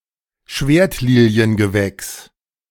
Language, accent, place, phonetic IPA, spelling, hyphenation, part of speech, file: German, Germany, Berlin, [ˈʃveːɐ̯tliːli̯ənɡəˌvɛks], Schwertliliengewächs, Schwert‧li‧li‧en‧ge‧wächs, noun, De-Schwertliliengewächs.ogg
- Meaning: 1. any plant of the family Iridaceae 2. collective noun for plants of the family Iridaceae